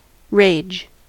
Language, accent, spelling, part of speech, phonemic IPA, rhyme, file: English, US, rage, noun / verb, /ɹeɪd͡ʒ/, -eɪdʒ, En-us-rage.ogg
- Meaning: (noun) 1. Violent uncontrolled anger 2. A current fashion or fad 3. An exciting and boisterous party